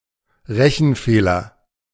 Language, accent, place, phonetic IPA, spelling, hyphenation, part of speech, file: German, Germany, Berlin, [ˈʁɛçn̩ˌfeːlɐ], Rechenfehler, Re‧chen‧fehler, noun, De-Rechenfehler.ogg
- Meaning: calculation error, miscalculation